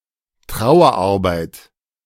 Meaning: grief work (psychological process of coping with loss)
- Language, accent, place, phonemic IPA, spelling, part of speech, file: German, Germany, Berlin, /ˈtʁaʊ̯ɐˌʔaʁbaɪ̯t/, Trauerarbeit, noun, De-Trauerarbeit.ogg